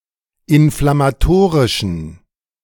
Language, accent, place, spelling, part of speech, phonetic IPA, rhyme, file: German, Germany, Berlin, inflammatorischen, adjective, [ɪnflamaˈtoːʁɪʃn̩], -oːʁɪʃn̩, De-inflammatorischen.ogg
- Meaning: inflection of inflammatorisch: 1. strong genitive masculine/neuter singular 2. weak/mixed genitive/dative all-gender singular 3. strong/weak/mixed accusative masculine singular 4. strong dative plural